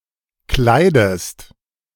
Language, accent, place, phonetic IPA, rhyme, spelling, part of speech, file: German, Germany, Berlin, [ˈklaɪ̯dəst], -aɪ̯dəst, kleidest, verb, De-kleidest.ogg
- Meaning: inflection of kleiden: 1. second-person singular present 2. second-person singular subjunctive I